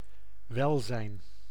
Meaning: well-being
- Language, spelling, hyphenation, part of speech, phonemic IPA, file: Dutch, welzijn, wel‧zijn, noun, /ˈʋɛl.zɛi̯n/, Nl-welzijn.ogg